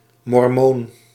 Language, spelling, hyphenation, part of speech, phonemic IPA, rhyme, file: Dutch, mormoon, mor‧moon, noun, /mɔrˈmoːn/, -oːn, Nl-mormoon.ogg
- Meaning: Mormon (adherent of Mormonism)